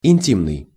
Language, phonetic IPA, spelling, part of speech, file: Russian, [ɪnʲˈtʲimnɨj], интимный, adjective, Ru-интимный.ogg
- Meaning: 1. intimate (sexually) 2. intimate (romantically close)